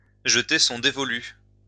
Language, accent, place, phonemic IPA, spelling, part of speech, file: French, France, Lyon, /ʒə.te sɔ̃ de.vɔ.ly/, jeter son dévolu, verb, LL-Q150 (fra)-jeter son dévolu.wav
- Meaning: to fix one's choice, to set one's sights